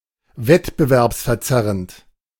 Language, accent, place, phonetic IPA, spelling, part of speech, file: German, Germany, Berlin, [ˈvɛtbəvɛʁpsfɛɐ̯ˌt͡sɛʁənt], wettbewerbsverzerrend, adjective, De-wettbewerbsverzerrend.ogg
- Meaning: distorting the conditions of (economic) competition